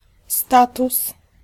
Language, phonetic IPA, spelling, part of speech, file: Polish, [ˈstatus], status, noun, Pl-status.ogg